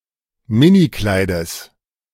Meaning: genitive singular of Minikleid
- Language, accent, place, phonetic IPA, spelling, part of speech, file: German, Germany, Berlin, [ˈmɪniˌklaɪ̯dəs], Minikleides, noun, De-Minikleides.ogg